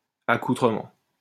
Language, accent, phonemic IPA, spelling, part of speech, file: French, France, /a.ku.tʁə.mɑ̃/, accoutrement, noun, LL-Q150 (fra)-accoutrement.wav
- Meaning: 1. (elaborate) outfit 2. getup